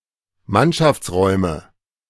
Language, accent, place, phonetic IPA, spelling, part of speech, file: German, Germany, Berlin, [ˈmanʃaft͡sˌʁɔɪ̯mə], Mannschaftsräume, noun, De-Mannschaftsräume.ogg
- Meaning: nominative/accusative/genitive plural of Mannschaftsraum